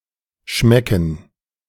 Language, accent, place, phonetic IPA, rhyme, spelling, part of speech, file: German, Germany, Berlin, [ˈʃmɛkn̩], -ɛkn̩, Schmecken, noun, De-Schmecken.ogg
- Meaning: gerund of schmecken